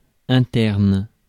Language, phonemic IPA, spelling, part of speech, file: French, /ɛ̃.tɛʁn/, interne, adjective / noun / verb, Fr-interne.ogg
- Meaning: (adjective) internal; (noun) 1. intern (as in a medical student) 2. boarder (pupil living at school); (verb) inflection of interner: first/third-person singular present indicative/subjunctive